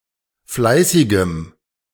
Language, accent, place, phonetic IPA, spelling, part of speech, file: German, Germany, Berlin, [ˈflaɪ̯sɪɡəm], fleißigem, adjective, De-fleißigem.ogg
- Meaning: strong dative masculine/neuter singular of fleißig